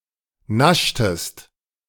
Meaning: inflection of naschen: 1. second-person singular preterite 2. second-person singular subjunctive II
- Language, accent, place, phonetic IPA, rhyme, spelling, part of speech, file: German, Germany, Berlin, [ˈnaʃtəst], -aʃtəst, naschtest, verb, De-naschtest.ogg